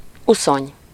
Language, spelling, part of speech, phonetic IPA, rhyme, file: Hungarian, uszony, noun, [ˈusoɲ], -oɲ, Hu-uszony.ogg
- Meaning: 1. fin (fish), flipper (marine mammals) 2. fin, flipper (a device worn by divers and swimmers on their feet) 3. centreboard